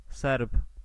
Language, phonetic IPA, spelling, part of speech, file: Polish, [sɛrp], Serb, noun, Pl-Serb.ogg